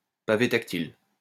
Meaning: touchpad (flat surface which is sensitive to touch)
- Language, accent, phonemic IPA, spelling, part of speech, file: French, France, /pa.ve tak.til/, pavé tactile, noun, LL-Q150 (fra)-pavé tactile.wav